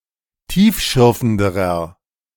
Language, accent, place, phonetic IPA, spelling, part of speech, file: German, Germany, Berlin, [ˈtiːfˌʃʏʁfn̩dəʁɐ], tiefschürfenderer, adjective, De-tiefschürfenderer.ogg
- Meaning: inflection of tiefschürfend: 1. strong/mixed nominative masculine singular comparative degree 2. strong genitive/dative feminine singular comparative degree